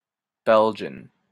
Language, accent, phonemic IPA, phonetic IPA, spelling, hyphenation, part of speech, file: English, Canada, /ˈbɛl.d͡ʒən/, [ˈbɛl.d͡ʒn̩], Belgian, Bel‧gian, noun / adjective / proper noun, En-ca-Belgian.opus
- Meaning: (noun) A person from Belgium or of Belgian descent; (adjective) Of, from, or pertaining to Belgium or the Belgian people